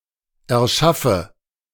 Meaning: inflection of erschaffen: 1. first-person singular present 2. first/third-person singular subjunctive I 3. singular imperative
- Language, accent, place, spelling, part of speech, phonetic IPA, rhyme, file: German, Germany, Berlin, erschaffe, verb, [ɛɐ̯ˈʃafə], -afə, De-erschaffe.ogg